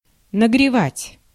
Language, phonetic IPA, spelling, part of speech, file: Russian, [nəɡrʲɪˈvatʲ], нагревать, verb, Ru-нагревать.ogg
- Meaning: 1. to heat, to warm 2. to swindle